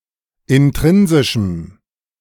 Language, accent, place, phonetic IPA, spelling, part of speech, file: German, Germany, Berlin, [ɪnˈtʁɪnzɪʃm̩], intrinsischem, adjective, De-intrinsischem.ogg
- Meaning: strong dative masculine/neuter singular of intrinsisch